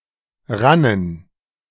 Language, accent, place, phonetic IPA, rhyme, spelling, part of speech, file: German, Germany, Berlin, [ˈʁanən], -anən, rannen, verb, De-rannen.ogg
- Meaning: first/third-person plural preterite of rinnen